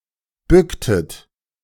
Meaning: inflection of bücken: 1. second-person plural preterite 2. second-person plural subjunctive II
- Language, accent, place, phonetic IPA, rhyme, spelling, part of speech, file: German, Germany, Berlin, [ˈbʏktət], -ʏktət, bücktet, verb, De-bücktet.ogg